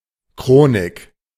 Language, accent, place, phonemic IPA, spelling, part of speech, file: German, Germany, Berlin, /ˈkʁoːnɪk/, Chronik, noun, De-Chronik.ogg
- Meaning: 1. chronicle 2. timeline